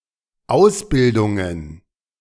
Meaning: plural of Ausbildung
- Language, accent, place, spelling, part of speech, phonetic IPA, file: German, Germany, Berlin, Ausbildungen, noun, [ˈaʊ̯sˌbɪldʊŋən], De-Ausbildungen.ogg